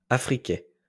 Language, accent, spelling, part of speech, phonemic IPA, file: French, France, affriqué, verb / adjective, /a.fʁi.ke/, LL-Q150 (fra)-affriqué.wav
- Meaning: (verb) past participle of affriquer; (adjective) affricative